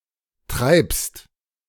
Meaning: second-person singular present of treiben
- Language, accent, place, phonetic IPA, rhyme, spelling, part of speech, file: German, Germany, Berlin, [tʁaɪ̯pst], -aɪ̯pst, treibst, verb, De-treibst.ogg